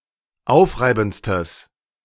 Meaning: strong/mixed nominative/accusative neuter singular superlative degree of aufreibend
- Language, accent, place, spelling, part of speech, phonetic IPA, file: German, Germany, Berlin, aufreibendstes, adjective, [ˈaʊ̯fˌʁaɪ̯bn̩t͡stəs], De-aufreibendstes.ogg